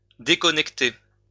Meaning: 1. to disconnect, to unplug 2. to log out
- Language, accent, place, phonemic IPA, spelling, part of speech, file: French, France, Lyon, /de.kɔ.nɛk.te/, déconnecter, verb, LL-Q150 (fra)-déconnecter.wav